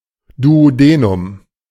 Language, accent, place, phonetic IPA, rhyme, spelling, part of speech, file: German, Germany, Berlin, [duoˈdeːnʊm], -eːnʊm, Duodenum, noun, De-Duodenum.ogg
- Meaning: The duodenum, first part of the small intestine